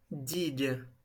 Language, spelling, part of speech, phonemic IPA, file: French, digue, noun, /diɡ/, LL-Q150 (fra)-digue.wav
- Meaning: seawall, dyke, breakwater